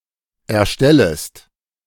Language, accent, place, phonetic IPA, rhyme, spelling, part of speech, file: German, Germany, Berlin, [ɛɐ̯ˈʃtɛləst], -ɛləst, erstellest, verb, De-erstellest.ogg
- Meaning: second-person singular subjunctive I of erstellen